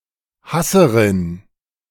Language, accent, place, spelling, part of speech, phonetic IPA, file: German, Germany, Berlin, Hasserin, noun, [ˈhasəʁɪn], De-Hasserin.ogg
- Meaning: female hater